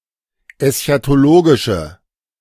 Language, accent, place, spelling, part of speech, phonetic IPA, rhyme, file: German, Germany, Berlin, eschatologische, adjective, [ɛsçatoˈloːɡɪʃə], -oːɡɪʃə, De-eschatologische.ogg
- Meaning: inflection of eschatologisch: 1. strong/mixed nominative/accusative feminine singular 2. strong nominative/accusative plural 3. weak nominative all-gender singular